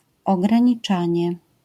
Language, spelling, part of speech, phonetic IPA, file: Polish, ograniczanie, noun, [ˌɔɡrãɲiˈt͡ʃãɲɛ], LL-Q809 (pol)-ograniczanie.wav